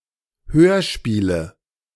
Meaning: nominative/accusative/genitive plural of Hörspiel
- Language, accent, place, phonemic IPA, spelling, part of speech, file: German, Germany, Berlin, /ˈhøːɐ̯ˌ̯ʃpiːlə/, Hörspiele, noun, De-Hörspiele.ogg